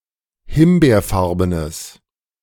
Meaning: strong/mixed nominative/accusative neuter singular of himbeerfarben
- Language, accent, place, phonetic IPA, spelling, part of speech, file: German, Germany, Berlin, [ˈhɪmbeːɐ̯ˌfaʁbənəs], himbeerfarbenes, adjective, De-himbeerfarbenes.ogg